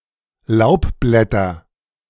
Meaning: nominative/accusative/genitive plural of Laubblatt
- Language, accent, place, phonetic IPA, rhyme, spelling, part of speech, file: German, Germany, Berlin, [ˈlaʊ̯pˌblɛtɐ], -aʊ̯pblɛtɐ, Laubblätter, noun, De-Laubblätter.ogg